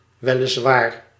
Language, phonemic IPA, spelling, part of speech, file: Dutch, /ʋɛ.lɪsˈʋaːr/, weliswaar, adverb, Nl-weliswaar.ogg
- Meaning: admittedly, indeed